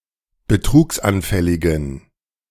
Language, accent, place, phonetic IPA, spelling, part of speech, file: German, Germany, Berlin, [bəˈtʁuːksʔanˌfɛlɪɡn̩], betrugsanfälligen, adjective, De-betrugsanfälligen.ogg
- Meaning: inflection of betrugsanfällig: 1. strong genitive masculine/neuter singular 2. weak/mixed genitive/dative all-gender singular 3. strong/weak/mixed accusative masculine singular 4. strong dative plural